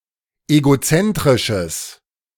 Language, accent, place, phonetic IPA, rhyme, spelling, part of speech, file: German, Germany, Berlin, [eɡoˈt͡sɛntʁɪʃəs], -ɛntʁɪʃəs, egozentrisches, adjective, De-egozentrisches.ogg
- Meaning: strong/mixed nominative/accusative neuter singular of egozentrisch